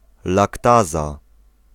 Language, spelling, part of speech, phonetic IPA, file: Polish, laktaza, noun, [lakˈtaza], Pl-laktaza.ogg